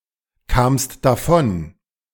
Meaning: second-person singular preterite of davonkommen
- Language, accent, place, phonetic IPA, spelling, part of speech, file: German, Germany, Berlin, [ˌkaːmst daˈfɔn], kamst davon, verb, De-kamst davon.ogg